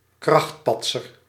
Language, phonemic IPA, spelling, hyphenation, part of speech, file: Dutch, /ˈkrɑxt.pɑt.sər/, krachtpatser, kracht‧pat‧ser, noun, Nl-krachtpatser.ogg
- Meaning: bruiser, muscleman